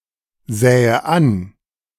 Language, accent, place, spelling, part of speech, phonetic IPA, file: German, Germany, Berlin, sähe an, verb, [ˌzɛːə ˈan], De-sähe an.ogg
- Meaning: first/third-person singular subjunctive II of ansehen